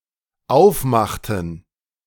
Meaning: inflection of aufmachen: 1. first/third-person plural dependent preterite 2. first/third-person plural dependent subjunctive II
- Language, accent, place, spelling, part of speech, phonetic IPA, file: German, Germany, Berlin, aufmachten, verb, [ˈaʊ̯fˌmaxtn̩], De-aufmachten.ogg